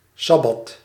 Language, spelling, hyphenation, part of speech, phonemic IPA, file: Dutch, sabbat, sab‧bat, noun, /ˈsɑ.bɑt/, Nl-sabbat.ogg
- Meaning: Sabbath